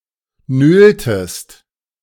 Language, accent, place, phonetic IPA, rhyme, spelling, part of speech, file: German, Germany, Berlin, [ˈnøːltəst], -øːltəst, nöltest, verb, De-nöltest.ogg
- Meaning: inflection of nölen: 1. second-person singular preterite 2. second-person singular subjunctive II